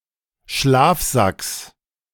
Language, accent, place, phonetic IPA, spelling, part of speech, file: German, Germany, Berlin, [ˈʃlaːfˌzaks], Schlafsacks, noun, De-Schlafsacks.ogg
- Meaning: genitive singular of Schlafsack